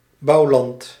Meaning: farmland, agricultural land where crops are cultivated
- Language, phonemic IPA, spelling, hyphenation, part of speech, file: Dutch, /ˈbɑu̯.lɑnt/, bouwland, bouw‧land, noun, Nl-bouwland.ogg